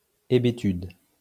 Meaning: stupor, stupefaction
- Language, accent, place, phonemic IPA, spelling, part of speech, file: French, France, Lyon, /e.be.tyd/, hébétude, noun, LL-Q150 (fra)-hébétude.wav